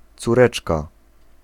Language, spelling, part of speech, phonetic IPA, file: Polish, córeczka, noun, [t͡suˈrɛt͡ʃka], Pl-córeczka.ogg